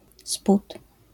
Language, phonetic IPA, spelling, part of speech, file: Polish, [sput], spód, noun, LL-Q809 (pol)-spód.wav